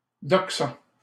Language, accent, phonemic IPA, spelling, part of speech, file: French, Canada, /dɔk.sa/, doxa, noun, LL-Q150 (fra)-doxa.wav
- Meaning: doxa